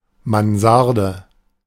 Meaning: loft apartment, attic flat (UK); (often single room)
- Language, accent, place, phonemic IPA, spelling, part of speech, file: German, Germany, Berlin, /manˈzaʁdə/, Mansarde, noun, De-Mansarde.ogg